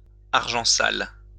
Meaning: dirty money, ill-gotten gains
- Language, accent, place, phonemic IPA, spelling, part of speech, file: French, France, Lyon, /aʁ.ʒɑ̃ sal/, argent sale, noun, LL-Q150 (fra)-argent sale.wav